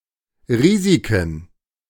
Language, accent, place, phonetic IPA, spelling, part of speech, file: German, Germany, Berlin, [ˈʁiːzikn̩], Risiken, noun, De-Risiken.ogg
- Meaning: plural of Risiko